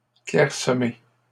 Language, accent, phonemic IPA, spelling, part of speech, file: French, Canada, /klɛʁ.sə.me/, clairsemées, adjective, LL-Q150 (fra)-clairsemées.wav
- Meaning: feminine plural of clairsemé